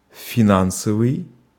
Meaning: financial
- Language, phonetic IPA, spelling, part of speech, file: Russian, [fʲɪˈnansəvɨj], финансовый, adjective, Ru-финансовый.ogg